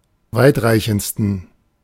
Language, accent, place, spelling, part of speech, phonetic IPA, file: German, Germany, Berlin, weitreichendsten, adjective, [ˈvaɪ̯tˌʁaɪ̯çn̩t͡stən], De-weitreichendsten.ogg
- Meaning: 1. superlative degree of weitreichend 2. inflection of weitreichend: strong genitive masculine/neuter singular superlative degree